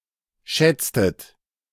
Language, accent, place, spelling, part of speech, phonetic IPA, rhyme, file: German, Germany, Berlin, schätztet, verb, [ˈʃɛt͡stət], -ɛt͡stət, De-schätztet.ogg
- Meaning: inflection of schätzen: 1. second-person plural preterite 2. second-person plural subjunctive II